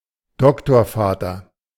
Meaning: doctoral advisor/supervisor
- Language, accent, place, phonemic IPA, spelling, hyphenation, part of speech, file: German, Germany, Berlin, /ˈdɔktoːɐ̯ˌfaːtɐ/, Doktorvater, Dok‧tor‧va‧ter, noun, De-Doktorvater.ogg